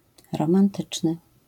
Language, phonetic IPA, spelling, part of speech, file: Polish, [ˌrɔ̃mãnˈtɨt͡ʃnɨ], romantyczny, adjective, LL-Q809 (pol)-romantyczny.wav